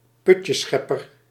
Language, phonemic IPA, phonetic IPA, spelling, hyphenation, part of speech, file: Dutch, /ˈpʏtjəˌsxɛ.pər/, [ˈpʏ.cəˌsxɛ.pər], putjesschepper, put‧jes‧schep‧per, noun, Nl-putjesschepper.ogg
- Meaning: one who empties cesspits